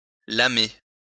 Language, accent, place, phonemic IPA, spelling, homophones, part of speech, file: French, France, Lyon, /la.me/, lamer, lamai / lamé / lamée / lamées / lamés / lamez, verb, LL-Q150 (fra)-lamer.wav
- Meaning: to flatten